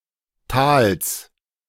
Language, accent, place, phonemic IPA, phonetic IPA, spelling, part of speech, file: German, Germany, Berlin, /taːls/, [tʰaːls], Tals, noun, De-Tals.ogg
- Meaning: genitive singular of Tal